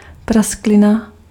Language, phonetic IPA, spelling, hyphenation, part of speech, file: Czech, [ˈprasklɪna], prasklina, prask‧li‧na, noun, Cs-prasklina.ogg
- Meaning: crack (thin space opened in a previously solid material)